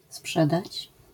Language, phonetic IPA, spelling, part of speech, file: Polish, [ˈspʃɛdat͡ɕ], sprzedać, verb, LL-Q809 (pol)-sprzedać.wav